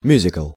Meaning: musical (stage performance)
- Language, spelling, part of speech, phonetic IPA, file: Russian, мюзикл, noun, [ˈmʲʉzʲɪkɫ], Ru-мюзикл.ogg